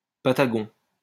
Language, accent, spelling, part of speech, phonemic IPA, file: French, France, patagon, adjective, /pa.ta.ɡɔ̃/, LL-Q150 (fra)-patagon.wav
- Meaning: Patagonian